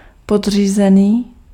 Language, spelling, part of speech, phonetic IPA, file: Czech, podřízený, adjective, [ˈpodr̝iːzɛniː], Cs-podřízený.ogg
- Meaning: subordinate